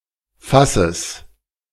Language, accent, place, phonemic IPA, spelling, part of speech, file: German, Germany, Berlin, /ˈfasəs/, Fasses, noun, De-Fasses.ogg
- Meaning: genitive singular of Fass